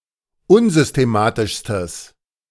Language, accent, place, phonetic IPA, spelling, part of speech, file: German, Germany, Berlin, [ˈʊnzʏsteˌmaːtɪʃstəs], unsystematischstes, adjective, De-unsystematischstes.ogg
- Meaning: strong/mixed nominative/accusative neuter singular superlative degree of unsystematisch